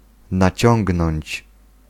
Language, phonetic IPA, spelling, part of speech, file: Polish, [naˈt͡ɕɔ̃ŋɡnɔ̃ɲt͡ɕ], naciągnąć, verb, Pl-naciągnąć.ogg